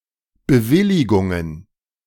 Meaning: plural of Bewilligung
- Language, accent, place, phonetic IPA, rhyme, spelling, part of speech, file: German, Germany, Berlin, [bəˈvɪlɪɡʊŋən], -ɪlɪɡʊŋən, Bewilligungen, noun, De-Bewilligungen.ogg